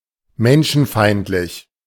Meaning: 1. misanthropic 2. inhuman
- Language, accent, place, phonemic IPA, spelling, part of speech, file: German, Germany, Berlin, /ˈmɛnʃn̩ˌfaɪ̯ntlɪç/, menschenfeindlich, adjective, De-menschenfeindlich.ogg